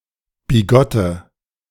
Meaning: inflection of bigott: 1. strong/mixed nominative/accusative feminine singular 2. strong nominative/accusative plural 3. weak nominative all-gender singular 4. weak accusative feminine/neuter singular
- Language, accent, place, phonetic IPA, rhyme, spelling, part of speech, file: German, Germany, Berlin, [biˈɡɔtə], -ɔtə, bigotte, adjective, De-bigotte.ogg